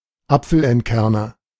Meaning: apple-corer
- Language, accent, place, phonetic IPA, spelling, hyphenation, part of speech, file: German, Germany, Berlin, [ˈapfl̩ʔɛntˌkɛʁnɐ], Apfelentkerner, Ap‧fel‧ent‧ker‧ner, noun, De-Apfelentkerner.ogg